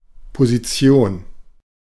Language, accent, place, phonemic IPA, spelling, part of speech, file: German, Germany, Berlin, /poziˈt͡si̯oːn/, Position, noun, De-Position.ogg
- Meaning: position, location